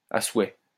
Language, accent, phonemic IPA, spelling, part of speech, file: French, France, /a swɛ/, à souhait, adverb, LL-Q150 (fra)-à souhait.wav
- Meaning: very, extremely, incredibly, as much as one could want